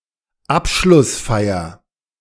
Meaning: closing ceremony (of an event or some kind of educational training; specifically a graduation ceremony or a graduation party)
- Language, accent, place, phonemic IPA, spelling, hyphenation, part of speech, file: German, Germany, Berlin, /ˈapʃlʊsˌfaɪ̯ɐ/, Abschlussfeier, Ab‧schluss‧fei‧er, noun, De-Abschlussfeier.ogg